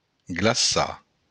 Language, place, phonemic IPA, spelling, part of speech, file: Occitan, Béarn, /ɡlaˈsa/, glaçar, verb, LL-Q14185 (oci)-glaçar.wav
- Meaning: to freeze